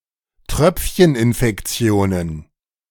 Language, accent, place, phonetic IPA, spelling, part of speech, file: German, Germany, Berlin, [ˈtʁœp͡fçənʔɪnfɛkˌt͡si̯oːnən], Tröpfcheninfektionen, noun, De-Tröpfcheninfektionen.ogg
- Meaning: plural of Tröpfcheninfektion